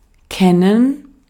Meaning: to know; to be acquainted with; to be familiar with
- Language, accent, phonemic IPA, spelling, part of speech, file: German, Austria, /ˈkɛnɛn/, kennen, verb, De-at-kennen.ogg